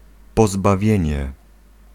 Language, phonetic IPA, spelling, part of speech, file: Polish, [ˌpɔzbaˈvʲjɛ̇̃ɲɛ], pozbawienie, noun, Pl-pozbawienie.ogg